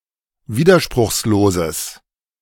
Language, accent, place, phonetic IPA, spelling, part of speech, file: German, Germany, Berlin, [ˈviːdɐʃpʁʊxsloːzəs], widerspruchsloses, adjective, De-widerspruchsloses.ogg
- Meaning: strong/mixed nominative/accusative neuter singular of widerspruchslos